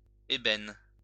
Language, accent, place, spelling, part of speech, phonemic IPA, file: French, France, Lyon, ébène, adjective / noun, /e.bɛn/, LL-Q150 (fra)-ébène.wav
- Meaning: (adjective) ebony, ebony-colored; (noun) ebony